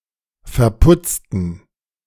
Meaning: inflection of verputzen: 1. first/third-person plural preterite 2. first/third-person plural subjunctive II
- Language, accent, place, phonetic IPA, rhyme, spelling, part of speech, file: German, Germany, Berlin, [fɛɐ̯ˈpʊt͡stn̩], -ʊt͡stn̩, verputzten, adjective / verb, De-verputzten.ogg